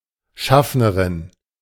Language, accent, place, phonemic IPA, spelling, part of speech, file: German, Germany, Berlin, /ˈʃafnəʁɪn/, Schaffnerin, noun, De-Schaffnerin.ogg
- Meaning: a female conductor